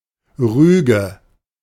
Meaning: reprimand, censure (accusation of wrongdoing or misbehavior, but typically without further punishment)
- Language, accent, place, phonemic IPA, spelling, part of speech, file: German, Germany, Berlin, /ˈʁyːɡə/, Rüge, noun, De-Rüge.ogg